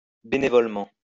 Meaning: voluntarily, pro bono
- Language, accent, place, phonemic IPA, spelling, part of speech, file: French, France, Lyon, /be.ne.vɔl.mɑ̃/, bénévolement, adverb, LL-Q150 (fra)-bénévolement.wav